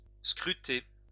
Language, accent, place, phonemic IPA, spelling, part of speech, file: French, France, Lyon, /skʁy.te/, scruter, verb, LL-Q150 (fra)-scruter.wav
- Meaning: to scrutinise, scrutinize, put under the microscope